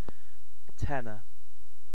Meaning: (noun) 1. A musical range or section higher than bass and lower than alto 2. A person, instrument, or group that performs in the tenor (higher than bass and lower than alto) range
- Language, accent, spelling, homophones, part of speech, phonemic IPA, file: English, UK, tenor, tenner, noun / adjective, /ˈtɛnə(ɹ)/, En-uk-tenor.ogg